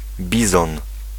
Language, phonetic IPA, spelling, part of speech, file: Polish, [ˈbʲizɔ̃n], bizon, noun, Pl-bizon.ogg